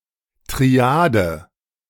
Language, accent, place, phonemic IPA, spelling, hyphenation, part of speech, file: German, Germany, Berlin, /tʁiˈaːd/, Triade, Tri‧a‧de, noun, De-Triade.ogg
- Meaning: triad (grouping of three)